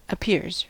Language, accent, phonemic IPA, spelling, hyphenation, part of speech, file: English, US, /əˈpɪɹz/, appears, ap‧pears, verb, En-us-appears.ogg
- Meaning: third-person singular simple present indicative of appear